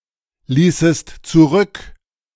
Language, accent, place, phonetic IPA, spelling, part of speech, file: German, Germany, Berlin, [ˌliːsəst t͡suˈʁʏk], ließest zurück, verb, De-ließest zurück.ogg
- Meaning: second-person singular subjunctive II of zurücklassen